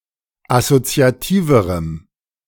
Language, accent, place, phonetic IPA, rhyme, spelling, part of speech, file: German, Germany, Berlin, [asot͡si̯aˈtiːvəʁəm], -iːvəʁəm, assoziativerem, adjective, De-assoziativerem.ogg
- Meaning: strong dative masculine/neuter singular comparative degree of assoziativ